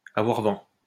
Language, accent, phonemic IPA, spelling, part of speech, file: French, France, /a.vwaʁ vɑ̃/, avoir vent, verb, LL-Q150 (fra)-avoir vent.wav
- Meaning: to get wind of